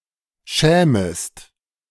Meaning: second-person singular subjunctive I of schämen
- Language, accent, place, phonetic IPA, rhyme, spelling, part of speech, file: German, Germany, Berlin, [ˈʃɛːməst], -ɛːməst, schämest, verb, De-schämest.ogg